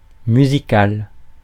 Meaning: 1. music, musical 2. melodious (pleasing to the ear; sounding agreeably)
- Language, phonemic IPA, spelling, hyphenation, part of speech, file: French, /my.zi.kal/, musical, mu‧si‧cal, adjective, Fr-musical.ogg